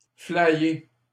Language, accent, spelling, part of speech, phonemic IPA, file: French, Canada, flyé, adjective, /fla.je/, LL-Q150 (fra)-flyé.wav
- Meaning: eccentric